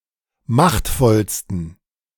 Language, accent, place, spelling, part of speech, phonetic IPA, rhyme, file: German, Germany, Berlin, machtvollsten, adjective, [ˈmaxtfɔlstn̩], -axtfɔlstn̩, De-machtvollsten.ogg
- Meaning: 1. superlative degree of machtvoll 2. inflection of machtvoll: strong genitive masculine/neuter singular superlative degree